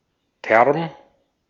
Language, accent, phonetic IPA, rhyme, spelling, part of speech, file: German, Austria, [tɛʁm], -ɛʁm, Term, noun, De-at-Term.ogg
- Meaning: term